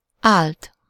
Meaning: third-person singular indicative past indefinite of áll
- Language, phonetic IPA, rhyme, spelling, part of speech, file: Hungarian, [ˈaːlt], -aːlt, állt, verb, Hu-állt.ogg